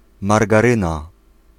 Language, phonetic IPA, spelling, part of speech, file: Polish, [ˌmarɡaˈrɨ̃na], margaryna, noun, Pl-margaryna.ogg